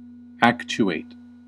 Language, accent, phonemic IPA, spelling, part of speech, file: English, US, /ˈækt͡ʃu.eɪt/, actuate, verb, En-us-actuate.ogg
- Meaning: 1. To activate, or to put into motion; to animate 2. To incite to action; to motivate